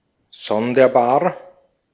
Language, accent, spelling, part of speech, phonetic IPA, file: German, Austria, sonderbar, adjective, [ˈsɔndɐˌbaːɐ̯], De-at-sonderbar.ogg
- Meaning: strange, odd